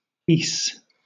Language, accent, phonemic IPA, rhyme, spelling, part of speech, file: English, Southern England, /ˈiːs/, -iːs, Ys, proper noun, LL-Q1860 (eng)-Ys.wav
- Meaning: A mythical sunken city in Brittany, France